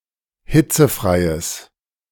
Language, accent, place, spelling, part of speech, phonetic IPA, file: German, Germany, Berlin, hitzefreies, adjective, [ˈhɪt͡səˌfʁaɪ̯əs], De-hitzefreies.ogg
- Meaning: strong/mixed nominative/accusative neuter singular of hitzefrei